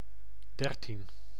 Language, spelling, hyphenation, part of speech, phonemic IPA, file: Dutch, dertien, der‧tien, numeral, /ˈdɛr.tin/, Nl-dertien.ogg
- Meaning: thirteen